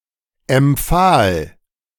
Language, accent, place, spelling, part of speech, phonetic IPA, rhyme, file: German, Germany, Berlin, empfahl, verb, [ɛmˈp͡faːl], -aːl, De-empfahl.ogg
- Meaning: first/third-person singular preterite of empfehlen